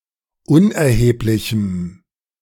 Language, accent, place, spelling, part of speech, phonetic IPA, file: German, Germany, Berlin, unerheblichem, adjective, [ˈʊnʔɛɐ̯heːplɪçm̩], De-unerheblichem.ogg
- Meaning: strong dative masculine/neuter singular of unerheblich